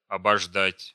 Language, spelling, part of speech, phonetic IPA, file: Russian, обождать, verb, [ɐbɐʐˈdatʲ], Ru-обождать.ogg
- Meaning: to wait (for a while), to wait (for)